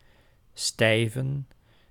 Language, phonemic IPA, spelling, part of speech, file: Dutch, /ˈstɛivə(n)/, stijven, verb, Nl-stijven.ogg
- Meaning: plural of stijve